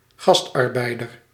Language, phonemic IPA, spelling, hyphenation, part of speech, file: Dutch, /ˈɣɑst.ɑrˌbɛi̯.dər/, gastarbeider, gast‧ar‧bei‧der, noun, Nl-gastarbeider.ogg
- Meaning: guest worker